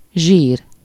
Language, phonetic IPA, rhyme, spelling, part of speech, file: Hungarian, [ˈʒiːr], -iːr, zsír, noun / adjective, Hu-zsír.ogg
- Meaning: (noun) fat (a specialized animal tissue with high lipid content, used for long-term storage of energy: fat tissue)